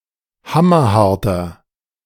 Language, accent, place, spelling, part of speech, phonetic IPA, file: German, Germany, Berlin, hammerharter, adjective, [ˈhamɐˌhaʁtɐ], De-hammerharter.ogg
- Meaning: inflection of hammerhart: 1. strong/mixed nominative masculine singular 2. strong genitive/dative feminine singular 3. strong genitive plural